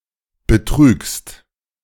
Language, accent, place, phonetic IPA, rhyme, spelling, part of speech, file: German, Germany, Berlin, [bəˈtʁyːkst], -yːkst, betrügst, verb, De-betrügst.ogg
- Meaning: second-person singular present of betrügen